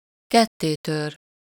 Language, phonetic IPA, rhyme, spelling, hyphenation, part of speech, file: Hungarian, [ˈkɛtːeːtør], -ør, kettétör, ket‧té‧tör, verb, Hu-kettétör.ogg
- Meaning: to break in two, break in half, break asunder